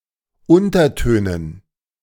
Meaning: dative plural of Unterton
- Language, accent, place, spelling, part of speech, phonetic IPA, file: German, Germany, Berlin, Untertönen, noun, [ˈʊntɐˌtøːnən], De-Untertönen.ogg